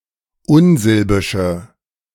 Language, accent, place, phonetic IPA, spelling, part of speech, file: German, Germany, Berlin, [ˈʊnˌzɪlbɪʃə], unsilbische, adjective, De-unsilbische.ogg
- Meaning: inflection of unsilbisch: 1. strong/mixed nominative/accusative feminine singular 2. strong nominative/accusative plural 3. weak nominative all-gender singular